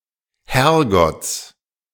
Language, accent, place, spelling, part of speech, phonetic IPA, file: German, Germany, Berlin, Herrgotts, noun, [ˈhɛʁɡɔt͡s], De-Herrgotts.ogg
- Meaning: genitive singular of Herrgott